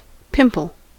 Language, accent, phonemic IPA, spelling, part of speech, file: English, US, /ˈpɪmp(ə)l/, pimple, noun / verb, En-us-pimple.ogg
- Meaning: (noun) 1. An inflamed (raised and colored) spot on the surface of the skin that is usually painful and fills with pus 2. An annoying person 3. Scotch (whisky)